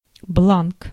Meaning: form, letterhead, sheet
- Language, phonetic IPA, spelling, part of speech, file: Russian, [bɫank], бланк, noun, Ru-бланк.ogg